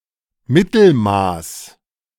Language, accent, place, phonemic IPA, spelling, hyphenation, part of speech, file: German, Germany, Berlin, /ˈmɪtl̩ˌmaːs/, Mittelmaß, Mit‧tel‧maß, noun, De-Mittelmaß.ogg
- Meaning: mediocrity